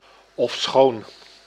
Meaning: although, albeit, even though
- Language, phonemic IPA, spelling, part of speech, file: Dutch, /ɔfˈsxoːn/, ofschoon, conjunction, Nl-ofschoon.ogg